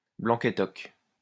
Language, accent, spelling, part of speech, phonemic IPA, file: French, France, blanc-estoc, noun, /blɑ̃.k‿ɛs.tɔk/, LL-Q150 (fra)-blanc-estoc.wav
- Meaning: alternative form of blanc-étoc